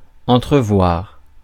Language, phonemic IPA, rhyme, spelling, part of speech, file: French, /ɑ̃.tʁə.vwaʁ/, -waʁ, entrevoir, verb, Fr-entrevoir.ogg
- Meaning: 1. to make out, see vaguely; to glimpse 2. to foresee, anticipate 3. to catch sight of, see briefly